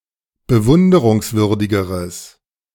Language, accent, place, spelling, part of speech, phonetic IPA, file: German, Germany, Berlin, bewunderungswürdigeres, adjective, [bəˈvʊndəʁʊŋsˌvʏʁdɪɡəʁəs], De-bewunderungswürdigeres.ogg
- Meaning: strong/mixed nominative/accusative neuter singular comparative degree of bewunderungswürdig